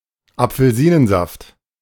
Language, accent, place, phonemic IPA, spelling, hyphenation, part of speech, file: German, Germany, Berlin, /apfəl̩ˈziːnənˌzaft/, Apfelsinensaft, Ap‧fel‧si‧nen‧saft, noun, De-Apfelsinensaft.ogg
- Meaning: orange juice